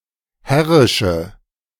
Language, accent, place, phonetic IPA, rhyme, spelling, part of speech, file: German, Germany, Berlin, [ˈhɛʁɪʃə], -ɛʁɪʃə, herrische, adjective, De-herrische.ogg
- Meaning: inflection of herrisch: 1. strong/mixed nominative/accusative feminine singular 2. strong nominative/accusative plural 3. weak nominative all-gender singular